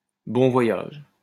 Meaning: bon voyage, have a good journey, have a good trip
- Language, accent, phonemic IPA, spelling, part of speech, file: French, France, /bɔ̃ vwa.jaʒ/, bon voyage, interjection, LL-Q150 (fra)-bon voyage.wav